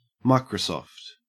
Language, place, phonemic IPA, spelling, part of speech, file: English, Queensland, /ˈmɑekɹəˌsɔft/, Microsoft, proper noun / noun / verb, En-au-Microsoft.ogg
- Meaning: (proper noun) Microsoft Corporation, a technology company; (noun) A company whose products are widespread; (verb) To Microsoftify